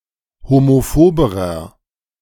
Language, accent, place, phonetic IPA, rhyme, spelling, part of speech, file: German, Germany, Berlin, [homoˈfoːbəʁɐ], -oːbəʁɐ, homophoberer, adjective, De-homophoberer.ogg
- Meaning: inflection of homophob: 1. strong/mixed nominative masculine singular comparative degree 2. strong genitive/dative feminine singular comparative degree 3. strong genitive plural comparative degree